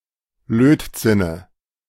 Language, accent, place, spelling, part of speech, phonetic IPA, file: German, Germany, Berlin, Lötzinne, noun, [ˈløːtˌt͡sɪnə], De-Lötzinne.ogg
- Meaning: dative singular of Lötzinn